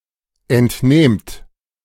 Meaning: second-person plural present of entnehmen
- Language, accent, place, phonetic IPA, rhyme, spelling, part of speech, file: German, Germany, Berlin, [ɛntˈneːmt], -eːmt, entnehmt, verb, De-entnehmt.ogg